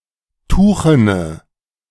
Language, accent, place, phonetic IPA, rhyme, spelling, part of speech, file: German, Germany, Berlin, [ˈtuːxənə], -uːxənə, tuchene, adjective, De-tuchene.ogg
- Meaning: inflection of tuchen: 1. strong/mixed nominative/accusative feminine singular 2. strong nominative/accusative plural 3. weak nominative all-gender singular 4. weak accusative feminine/neuter singular